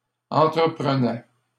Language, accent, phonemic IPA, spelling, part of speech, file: French, Canada, /ɑ̃.tʁə.pʁə.nɛ/, entreprenait, verb, LL-Q150 (fra)-entreprenait.wav
- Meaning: third-person singular imperfect indicative of entreprendre